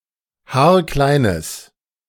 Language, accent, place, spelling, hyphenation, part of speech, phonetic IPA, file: German, Germany, Berlin, haarkleines, haar‧klei‧nes, adjective, [ˈhaːɐ̯ˈklaɪ̯nəs], De-haarkleines.ogg
- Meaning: strong/mixed nominative/accusative neuter singular of haarklein